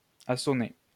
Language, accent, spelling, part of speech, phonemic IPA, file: French, France, assoner, verb, /a.sɔ.ne/, LL-Q150 (fra)-assoner.wav
- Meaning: to produce assonance